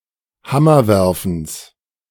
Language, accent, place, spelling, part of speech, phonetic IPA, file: German, Germany, Berlin, Hammerwerfens, noun, [ˈhamɐˌvɛʁfn̩s], De-Hammerwerfens.ogg
- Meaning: genitive singular of Hammerwerfen